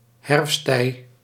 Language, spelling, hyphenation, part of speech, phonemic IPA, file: Dutch, herfsttij, herfst‧tij, noun, /ˈɦɛrfs.tɛi̯/, Nl-herfsttij.ogg
- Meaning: 1. autumn, fall 2. period of decline, final period of a lifetime